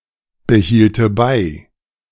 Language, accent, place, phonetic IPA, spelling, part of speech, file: German, Germany, Berlin, [bəˌhiːltə ˈbaɪ̯], behielte bei, verb, De-behielte bei.ogg
- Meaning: first/third-person singular subjunctive II of beibehalten